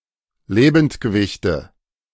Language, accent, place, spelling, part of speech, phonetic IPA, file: German, Germany, Berlin, Lebendgewichte, noun, [ˈleːbn̩tɡəˌvɪçtə], De-Lebendgewichte.ogg
- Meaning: nominative/accusative/genitive plural of Lebendgewicht